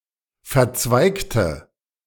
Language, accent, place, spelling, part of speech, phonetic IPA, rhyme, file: German, Germany, Berlin, verzweigte, adjective / verb, [fɛɐ̯ˈt͡svaɪ̯ktə], -aɪ̯ktə, De-verzweigte.ogg
- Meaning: inflection of verzweigt: 1. strong/mixed nominative/accusative feminine singular 2. strong nominative/accusative plural 3. weak nominative all-gender singular